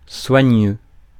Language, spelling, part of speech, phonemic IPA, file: French, soigneux, adjective, /swa.ɲø/, Fr-soigneux.ogg
- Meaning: careful; meticulous